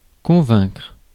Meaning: 1. to convince, to persuade 2. to convict
- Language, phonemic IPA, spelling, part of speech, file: French, /kɔ̃.vɛ̃kʁ/, convaincre, verb, Fr-convaincre.ogg